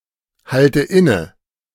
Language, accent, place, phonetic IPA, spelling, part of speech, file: German, Germany, Berlin, [ˌhaltə ˈɪnə], halte inne, verb, De-halte inne.ogg
- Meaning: inflection of innehalten: 1. first-person singular present 2. first/third-person singular subjunctive I 3. singular imperative